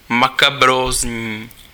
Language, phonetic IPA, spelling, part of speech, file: Czech, [ˈmakabroːzɲiː], makabrózní, adjective, Cs-makabrózní.ogg
- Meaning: macabre